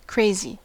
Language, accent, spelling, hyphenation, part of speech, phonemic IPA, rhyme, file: English, US, crazy, cra‧zy, adjective / adverb / noun, /ˈkɹeɪ.zi/, -eɪzi, En-us-crazy.ogg
- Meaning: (adjective) 1. Of unsound mind; insane; demented 2. Out of control 3. Very excited or enthusiastic 4. In love; experiencing romantic feelings 5. Very unexpected; wildly surprising